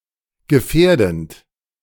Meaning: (verb) present participle of gefährden; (adjective) hazardous, endangering
- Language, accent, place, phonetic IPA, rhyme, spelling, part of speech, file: German, Germany, Berlin, [ɡəˈfɛːɐ̯dn̩t], -ɛːɐ̯dn̩t, gefährdend, verb, De-gefährdend.ogg